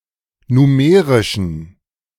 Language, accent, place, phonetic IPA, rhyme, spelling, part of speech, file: German, Germany, Berlin, [nuˈmeːʁɪʃn̩], -eːʁɪʃn̩, numerischen, adjective, De-numerischen.ogg
- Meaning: inflection of numerisch: 1. strong genitive masculine/neuter singular 2. weak/mixed genitive/dative all-gender singular 3. strong/weak/mixed accusative masculine singular 4. strong dative plural